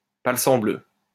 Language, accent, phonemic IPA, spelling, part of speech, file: French, France, /pal.sɑ̃.blø/, palsambleu, interjection, LL-Q150 (fra)-palsambleu.wav
- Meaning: 'sblood